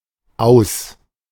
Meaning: 1. an out; the end of play for an individual or a team 2. the out of bounds area 3. end, cancellation, failure (of a company, policy, venture, etc.; typically for economic or political reasons)
- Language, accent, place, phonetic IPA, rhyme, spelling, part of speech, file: German, Germany, Berlin, [aʊ̯s], -aʊ̯s, Aus, noun, De-Aus.ogg